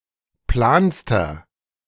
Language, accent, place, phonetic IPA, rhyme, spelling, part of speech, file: German, Germany, Berlin, [ˈplaːnstɐ], -aːnstɐ, planster, adjective, De-planster.ogg
- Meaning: inflection of plan: 1. strong/mixed nominative masculine singular superlative degree 2. strong genitive/dative feminine singular superlative degree 3. strong genitive plural superlative degree